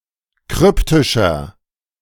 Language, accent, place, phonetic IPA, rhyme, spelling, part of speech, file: German, Germany, Berlin, [ˈkʁʏptɪʃɐ], -ʏptɪʃɐ, kryptischer, adjective, De-kryptischer.ogg
- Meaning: 1. comparative degree of kryptisch 2. inflection of kryptisch: strong/mixed nominative masculine singular 3. inflection of kryptisch: strong genitive/dative feminine singular